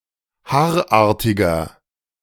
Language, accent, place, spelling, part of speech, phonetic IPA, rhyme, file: German, Germany, Berlin, haarartiger, adjective, [ˈhaːɐ̯ˌʔaːɐ̯tɪɡɐ], -aːɐ̯ʔaːɐ̯tɪɡɐ, De-haarartiger.ogg
- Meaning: 1. comparative degree of haarartig 2. inflection of haarartig: strong/mixed nominative masculine singular 3. inflection of haarartig: strong genitive/dative feminine singular